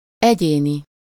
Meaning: 1. custom 2. individual
- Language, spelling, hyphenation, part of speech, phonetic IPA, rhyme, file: Hungarian, egyéni, egyé‧ni, adjective, [ˈɛɟeːni], -ni, Hu-egyéni.ogg